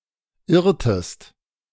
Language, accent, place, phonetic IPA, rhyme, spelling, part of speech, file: German, Germany, Berlin, [ˈɪʁtəst], -ɪʁtəst, irrtest, verb, De-irrtest.ogg
- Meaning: inflection of irren: 1. second-person singular preterite 2. second-person singular subjunctive II